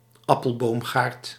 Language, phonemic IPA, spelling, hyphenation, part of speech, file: Dutch, /ˈɑ.pəlˌboːm.ɣaːrt/, appelboomgaard, ap‧pel‧boom‧gaard, noun, Nl-appelboomgaard.ogg
- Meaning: apple orchard